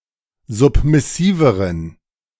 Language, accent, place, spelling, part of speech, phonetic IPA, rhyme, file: German, Germany, Berlin, submissiveren, adjective, [ˌzʊpmɪˈsiːvəʁən], -iːvəʁən, De-submissiveren.ogg
- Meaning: inflection of submissiv: 1. strong genitive masculine/neuter singular comparative degree 2. weak/mixed genitive/dative all-gender singular comparative degree